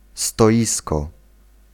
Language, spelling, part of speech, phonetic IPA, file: Polish, stoisko, noun, [stɔˈʲiskɔ], Pl-stoisko.ogg